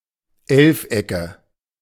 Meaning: nominative/accusative/genitive plural of Elfeck
- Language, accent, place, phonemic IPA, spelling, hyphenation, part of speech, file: German, Germany, Berlin, /ˈɛlfˌ.ɛkə/, Elfecke, Elf‧ecke, noun, De-Elfecke.ogg